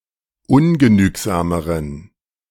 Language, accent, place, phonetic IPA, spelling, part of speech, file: German, Germany, Berlin, [ˈʊnɡəˌnyːkzaːməʁən], ungenügsameren, adjective, De-ungenügsameren.ogg
- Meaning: inflection of ungenügsam: 1. strong genitive masculine/neuter singular comparative degree 2. weak/mixed genitive/dative all-gender singular comparative degree